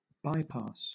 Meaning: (noun) A road that passes around something, such as a residential area or business district
- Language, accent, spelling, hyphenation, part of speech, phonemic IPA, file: English, Southern England, bypass, by‧pass, noun / verb, /ˈbaɪpɑːs/, LL-Q1860 (eng)-bypass.wav